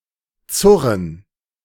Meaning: 1. to fasten freight with ropes 2. to tie a cord so as to fasten something (e.g. bathing trunks) 3. to pull; to drag (in general)
- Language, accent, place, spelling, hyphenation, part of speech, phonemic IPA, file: German, Germany, Berlin, zurren, zur‧ren, verb, /ˈtsʊrən/, De-zurren.ogg